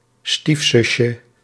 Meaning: diminutive of stiefzus
- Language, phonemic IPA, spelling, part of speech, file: Dutch, /ˈstifsʏʃə/, stiefzusje, noun, Nl-stiefzusje.ogg